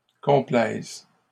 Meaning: second-person singular present subjunctive of complaire
- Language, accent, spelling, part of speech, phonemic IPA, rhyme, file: French, Canada, complaises, verb, /kɔ̃.plɛz/, -ɛz, LL-Q150 (fra)-complaises.wav